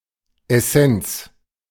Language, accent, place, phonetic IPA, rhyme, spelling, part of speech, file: German, Germany, Berlin, [ɛˈsɛnt͡s], -ɛnt͡s, Essenz, noun, De-Essenz.ogg
- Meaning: essence